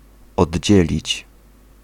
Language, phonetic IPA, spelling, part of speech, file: Polish, [ɔdʲˈd͡ʑɛlʲit͡ɕ], oddzielić, verb, Pl-oddzielić.ogg